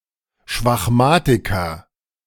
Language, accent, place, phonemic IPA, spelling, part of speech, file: German, Germany, Berlin, /ʃvaxˈmaːtɪkɐ/, Schwachmatiker, noun, De-Schwachmatiker.ogg
- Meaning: dated form of Schwachmat